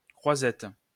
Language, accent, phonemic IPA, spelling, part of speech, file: French, France, /kʁwa.zɛt/, croisette, noun, LL-Q150 (fra)-croisette.wav
- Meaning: crosswort (Cruciata)